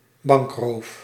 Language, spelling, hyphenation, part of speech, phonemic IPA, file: Dutch, bankroof, bank‧roof, noun, /ˈbɑŋk.roːf/, Nl-bankroof.ogg
- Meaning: a bank robbery